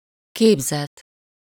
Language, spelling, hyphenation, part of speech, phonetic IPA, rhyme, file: Hungarian, képzet, kép‧zet, noun, [ˈkeːbzɛt], -ɛt, Hu-képzet.ogg
- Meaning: idea, notion, image